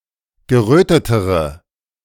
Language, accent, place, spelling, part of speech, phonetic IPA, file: German, Germany, Berlin, gerötetere, adjective, [ɡəˈʁøːtətəʁə], De-gerötetere.ogg
- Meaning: inflection of gerötet: 1. strong/mixed nominative/accusative feminine singular comparative degree 2. strong nominative/accusative plural comparative degree